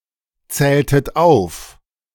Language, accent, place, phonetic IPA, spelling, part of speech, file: German, Germany, Berlin, [ˌt͡sɛːltət ˈaʊ̯f], zähltet auf, verb, De-zähltet auf.ogg
- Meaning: inflection of aufzählen: 1. second-person plural preterite 2. second-person plural subjunctive II